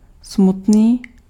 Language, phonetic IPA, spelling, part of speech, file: Czech, [ˈsmutniː], smutný, adjective, Cs-smutný.ogg
- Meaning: 1. sad (in a sad state) 2. sad (causing sadness)